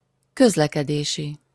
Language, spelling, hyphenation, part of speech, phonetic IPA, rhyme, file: Hungarian, közlekedési, köz‧le‧ke‧dé‧si, adjective, [ˈkøzlɛkɛdeːʃi], -ʃi, Hu-közlekedési.opus
- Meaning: of, or relating to transportation, traffic